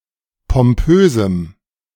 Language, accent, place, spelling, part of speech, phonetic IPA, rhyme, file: German, Germany, Berlin, pompösem, adjective, [pɔmˈpøːzm̩], -øːzm̩, De-pompösem.ogg
- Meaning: strong dative masculine/neuter singular of pompös